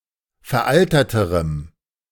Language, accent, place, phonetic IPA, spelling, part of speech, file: German, Germany, Berlin, [fɛɐ̯ˈʔaltɐtəʁəm], veralterterem, adjective, De-veralterterem.ogg
- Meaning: strong dative masculine/neuter singular comparative degree of veraltert